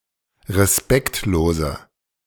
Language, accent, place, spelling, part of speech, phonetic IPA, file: German, Germany, Berlin, respektlose, adjective, [ʁeˈspɛktloːzə], De-respektlose.ogg
- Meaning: inflection of respektlos: 1. strong/mixed nominative/accusative feminine singular 2. strong nominative/accusative plural 3. weak nominative all-gender singular